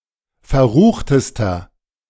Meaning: inflection of verrucht: 1. strong/mixed nominative masculine singular superlative degree 2. strong genitive/dative feminine singular superlative degree 3. strong genitive plural superlative degree
- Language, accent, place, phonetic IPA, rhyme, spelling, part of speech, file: German, Germany, Berlin, [fɛɐ̯ˈʁuːxtəstɐ], -uːxtəstɐ, verruchtester, adjective, De-verruchtester.ogg